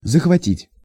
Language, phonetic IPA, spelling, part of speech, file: Russian, [zəxvɐˈtʲitʲ], захватить, verb, Ru-захватить.ogg
- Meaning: 1. to grasp, to grip, to grab, to clench, to collar 2. to seize, to capture, to occupy, to usurp 3. to absorb, to captivate, to possess, to carry away, to thrill, to engross, to enthral